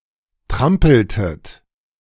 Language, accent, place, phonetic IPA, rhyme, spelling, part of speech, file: German, Germany, Berlin, [ˈtʁampl̩tət], -ampl̩tət, trampeltet, verb, De-trampeltet.ogg
- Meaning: inflection of trampeln: 1. second-person plural preterite 2. second-person plural subjunctive II